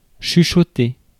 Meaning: 1. to whisper 2. to gossip 3. to rustle
- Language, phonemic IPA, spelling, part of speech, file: French, /ʃy.ʃɔ.te/, chuchoter, verb, Fr-chuchoter.ogg